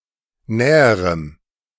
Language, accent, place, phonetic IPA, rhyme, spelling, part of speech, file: German, Germany, Berlin, [ˈnɛːəʁəm], -ɛːəʁəm, näherem, adjective, De-näherem.ogg
- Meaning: strong dative masculine/neuter singular comparative degree of nah